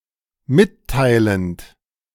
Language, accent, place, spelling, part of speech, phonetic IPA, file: German, Germany, Berlin, mitteilend, verb, [ˈmɪtˌtaɪ̯lənt], De-mitteilend.ogg
- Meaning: present participle of mitteilen